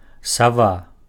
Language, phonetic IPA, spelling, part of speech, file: Belarusian, [saˈva], сава, noun, Be-сава.ogg
- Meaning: owl